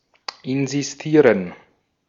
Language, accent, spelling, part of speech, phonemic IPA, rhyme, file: German, Austria, insistieren, verb, /ɪnzisˈtiːʁən/, -iːʁən, De-at-insistieren.ogg
- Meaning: to insist